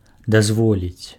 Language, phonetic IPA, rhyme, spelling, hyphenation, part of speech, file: Belarusian, [dazˈvolʲit͡sʲ], -olʲit͡sʲ, дазволіць, да‧зво‧ліць, verb, Be-дазволіць.ogg
- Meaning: 1. to allow (to give permission, agree to something) 2. to allow (to give the opportunity to do something)